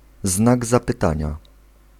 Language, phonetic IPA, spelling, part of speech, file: Polish, [ˈznaɡ ˌzapɨˈtãɲa], znak zapytania, noun, Pl-znak zapytania.ogg